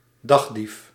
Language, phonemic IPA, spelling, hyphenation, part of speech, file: Dutch, /ˈdɑx.dif/, dagdief, dag‧dief, noun, Nl-dagdief.ogg
- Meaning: idler, one who wastes time